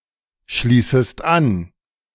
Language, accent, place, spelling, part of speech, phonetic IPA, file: German, Germany, Berlin, schließest an, verb, [ˌʃliːsəst ˈan], De-schließest an.ogg
- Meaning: second-person singular subjunctive I of anschließen